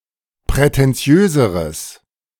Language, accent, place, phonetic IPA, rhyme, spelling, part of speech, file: German, Germany, Berlin, [pʁɛtɛnˈt͡si̯øːzəʁəs], -øːzəʁəs, prätentiöseres, adjective, De-prätentiöseres.ogg
- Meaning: strong/mixed nominative/accusative neuter singular comparative degree of prätentiös